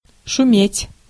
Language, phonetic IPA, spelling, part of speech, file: Russian, [ʂʊˈmʲetʲ], шуметь, verb, Ru-шуметь.ogg
- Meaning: 1. to make a noise; to be noisy; to rustle (e.g. of leaves) 2. to kick up a row, to make a fuss